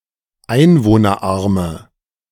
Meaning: inflection of einwohnerarm: 1. strong/mixed nominative/accusative feminine singular 2. strong nominative/accusative plural 3. weak nominative all-gender singular
- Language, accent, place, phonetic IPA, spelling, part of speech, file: German, Germany, Berlin, [ˈaɪ̯nvoːnɐˌʔaʁmə], einwohnerarme, adjective, De-einwohnerarme.ogg